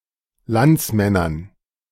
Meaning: dative plural of Landsmann
- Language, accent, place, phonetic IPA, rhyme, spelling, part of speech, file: German, Germany, Berlin, [ˈlant͡sˌmɛnɐn], -ant͡smɛnɐn, Landsmännern, noun, De-Landsmännern.ogg